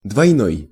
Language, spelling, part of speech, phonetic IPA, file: Russian, двойной, adjective, [dvɐjˈnoj], Ru-двойной.ogg
- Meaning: 1. double 2. binary 3. dual